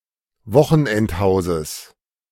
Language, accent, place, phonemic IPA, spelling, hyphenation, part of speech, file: German, Germany, Berlin, /ˈvɔxn̩ʔɛntˌhaʊ̯zəs/, Wochenendhauses, Wo‧chen‧end‧hau‧ses, noun, De-Wochenendhauses.ogg
- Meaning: genitive singular of Wochenendhaus